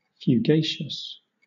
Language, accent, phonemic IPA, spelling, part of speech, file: English, Southern England, /fjuːˈɡeɪ.ʃəs/, fugacious, adjective, LL-Q1860 (eng)-fugacious.wav
- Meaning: Fleeting, fading quickly, transient